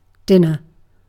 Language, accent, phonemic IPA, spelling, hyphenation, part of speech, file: English, UK, /ˈdɪnə/, dinner, din‧ner, noun / verb, En-uk-dinner.ogg
- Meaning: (noun) 1. The main meal of the day, often eaten in the evening 2. An evening meal 3. A midday meal (in a context in which the evening meal is called supper or tea) 4. A meal given to an animal